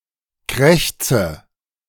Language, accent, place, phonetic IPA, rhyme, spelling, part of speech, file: German, Germany, Berlin, [ˈkʁɛçt͡sə], -ɛçt͡sə, krächze, verb, De-krächze.ogg
- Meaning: inflection of krächzen: 1. first-person singular present 2. first/third-person singular subjunctive I 3. singular imperative